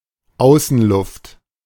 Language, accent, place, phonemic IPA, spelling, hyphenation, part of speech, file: German, Germany, Berlin, /ˈaʊ̯sn̩ˌlʊft/, Außenluft, Au‧ßen‧luft, noun, De-Außenluft.ogg
- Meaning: outside air, external air